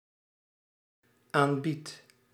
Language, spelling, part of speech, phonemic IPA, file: Dutch, aanbied, verb, /ˈambit/, Nl-aanbied.ogg
- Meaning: first-person singular dependent-clause present indicative of aanbieden